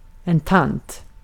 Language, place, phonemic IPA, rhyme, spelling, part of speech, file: Swedish, Gotland, /tant/, -ant, tant, noun, Sv-tant.ogg
- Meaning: 1. a middle-aged or older (and usually more distant) female relative, an aunt 2. Used to address older women in general